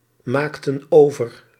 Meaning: inflection of overmaken: 1. plural past indicative 2. plural past subjunctive
- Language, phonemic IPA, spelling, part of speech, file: Dutch, /ˈmaktə(n) ˈovər/, maakten over, verb, Nl-maakten over.ogg